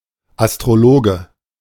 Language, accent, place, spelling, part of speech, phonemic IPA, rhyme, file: German, Germany, Berlin, Astrologe, noun, /ˌastʁoˈloːɡə/, -oːɡə, De-Astrologe.ogg
- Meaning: astrologist (male or of unspecified gender)